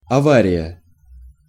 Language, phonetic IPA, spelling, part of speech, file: Russian, [ɐˈvarʲɪjə], авария, noun, Ru-авария.ogg
- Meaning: 1. damage, breakdown, fault, failure, crash (rarely) 2. accident, crash, wreck, emergency (situation caused by damage, breakdown or failure) 3. misfortune